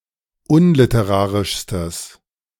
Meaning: strong/mixed nominative/accusative neuter singular superlative degree of unliterarisch
- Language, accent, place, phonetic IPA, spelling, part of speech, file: German, Germany, Berlin, [ˈʊnlɪtəˌʁaːʁɪʃstəs], unliterarischstes, adjective, De-unliterarischstes.ogg